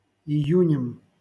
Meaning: instrumental singular of ию́нь (ijúnʹ)
- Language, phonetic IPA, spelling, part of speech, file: Russian, [ɪˈjʉnʲɪm], июнем, noun, LL-Q7737 (rus)-июнем.wav